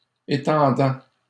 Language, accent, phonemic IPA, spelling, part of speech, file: French, Canada, /e.tɑ̃.dɑ̃/, étendant, verb, LL-Q150 (fra)-étendant.wav
- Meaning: present participle of étendre